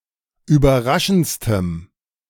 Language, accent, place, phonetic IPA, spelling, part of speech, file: German, Germany, Berlin, [yːbɐˈʁaʃn̩t͡stəm], überraschendstem, adjective, De-überraschendstem.ogg
- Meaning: strong dative masculine/neuter singular superlative degree of überraschend